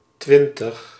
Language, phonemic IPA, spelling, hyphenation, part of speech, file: Dutch, /ˈtʋɪn.təx/, twintig, twin‧tig, numeral, Nl-twintig.ogg
- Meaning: twenty